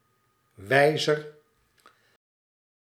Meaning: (noun) 1. one who points, directs, indicates 2. an arm or other moving part of an instrument which points out a readable value, notably a hand on a clock, or on another scaled dial
- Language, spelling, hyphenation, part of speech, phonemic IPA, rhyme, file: Dutch, wijzer, wij‧zer, noun / adjective, /ˈʋɛi̯.zər/, -ɛi̯zər, Nl-wijzer.ogg